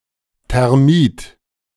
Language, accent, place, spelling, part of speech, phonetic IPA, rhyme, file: German, Germany, Berlin, Thermit, noun, [tɛʁˈmiːt], -iːt, De-Thermit.ogg
- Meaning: thermite